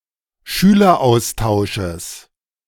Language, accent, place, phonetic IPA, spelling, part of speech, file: German, Germany, Berlin, [ˈʃyːlɐˌʔaʊ̯staʊ̯ʃəs], Schüleraustausches, noun, De-Schüleraustausches.ogg
- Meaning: genitive singular of Schüleraustausch